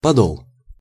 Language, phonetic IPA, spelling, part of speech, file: Russian, [pɐˈdoɫ], подол, noun, Ru-подол.ogg
- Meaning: hem (of a skirt), skirt